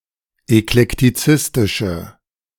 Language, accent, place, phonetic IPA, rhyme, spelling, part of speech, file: German, Germany, Berlin, [ɛklɛktiˈt͡sɪstɪʃə], -ɪstɪʃə, eklektizistische, adjective, De-eklektizistische.ogg
- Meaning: inflection of eklektizistisch: 1. strong/mixed nominative/accusative feminine singular 2. strong nominative/accusative plural 3. weak nominative all-gender singular